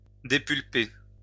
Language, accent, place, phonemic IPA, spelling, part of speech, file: French, France, Lyon, /de.pyl.pe/, dépulper, verb, LL-Q150 (fra)-dépulper.wav
- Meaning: to mash to a pulp